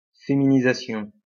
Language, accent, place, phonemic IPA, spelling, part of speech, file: French, France, Lyon, /fe.mi.ni.za.sjɔ̃/, féminisation, noun, LL-Q150 (fra)-féminisation.wav
- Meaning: feminization/feminisation